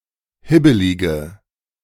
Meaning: inflection of hibbelig: 1. strong/mixed nominative/accusative feminine singular 2. strong nominative/accusative plural 3. weak nominative all-gender singular
- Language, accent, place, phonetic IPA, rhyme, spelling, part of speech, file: German, Germany, Berlin, [ˈhɪbəlɪɡə], -ɪbəlɪɡə, hibbelige, adjective, De-hibbelige.ogg